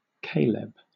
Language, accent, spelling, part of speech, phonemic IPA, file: English, Southern England, Caleb, proper noun, /ˈkeɪ.ləb/, LL-Q1860 (eng)-Caleb.wav
- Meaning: 1. Caleb the son of Jephunneh, an Israelite who entered Canaan with Joshua 2. A male given name from Hebrew first used by Puritans